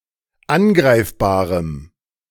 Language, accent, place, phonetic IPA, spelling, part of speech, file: German, Germany, Berlin, [ˈanˌɡʁaɪ̯fbaːʁəm], angreifbarem, adjective, De-angreifbarem.ogg
- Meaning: strong dative masculine/neuter singular of angreifbar